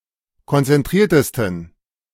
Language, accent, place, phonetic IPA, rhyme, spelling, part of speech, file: German, Germany, Berlin, [kɔnt͡sɛnˈtʁiːɐ̯təstn̩], -iːɐ̯təstn̩, konzentriertesten, adjective, De-konzentriertesten.ogg
- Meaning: 1. superlative degree of konzentriert 2. inflection of konzentriert: strong genitive masculine/neuter singular superlative degree